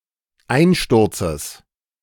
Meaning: genitive singular of Einsturz
- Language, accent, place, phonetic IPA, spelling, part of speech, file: German, Germany, Berlin, [ˈaɪ̯nˌʃtʊʁt͡səs], Einsturzes, noun, De-Einsturzes.ogg